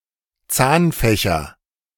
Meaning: nominative/accusative/genitive plural of Zahnfach
- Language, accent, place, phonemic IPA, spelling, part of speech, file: German, Germany, Berlin, /ˈt͡saːnfɛçɐ/, Zahnfächer, noun, De-Zahnfächer.ogg